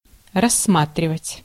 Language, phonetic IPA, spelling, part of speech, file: Russian, [rɐsːˈmatrʲɪvətʲ], рассматривать, verb, Ru-рассматривать.ogg
- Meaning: 1. to look at, to peruse, to examine 2. to regard, to consider